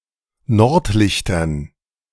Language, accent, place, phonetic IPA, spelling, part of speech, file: German, Germany, Berlin, [ˈnɔʁtˌlɪçtɐn], Nordlichtern, noun, De-Nordlichtern.ogg
- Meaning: dative plural of Nordlicht